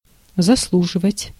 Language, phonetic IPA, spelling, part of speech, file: Russian, [zɐsˈɫuʐɨvətʲ], заслуживать, verb, Ru-заслуживать.ogg
- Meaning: 1. to deserve 2. to earn 3. to merit